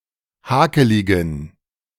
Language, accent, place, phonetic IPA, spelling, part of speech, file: German, Germany, Berlin, [ˈhaːkəlɪɡn̩], hakeligen, adjective, De-hakeligen.ogg
- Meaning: inflection of hakelig: 1. strong genitive masculine/neuter singular 2. weak/mixed genitive/dative all-gender singular 3. strong/weak/mixed accusative masculine singular 4. strong dative plural